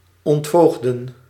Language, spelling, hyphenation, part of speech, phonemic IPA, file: Dutch, ontvoogden, ont‧voog‧den, verb, /ˌɔntˈvoːɣ.də(n)/, Nl-ontvoogden.ogg
- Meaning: 1. to emancipate a minor from a guardian 2. to undo guardianship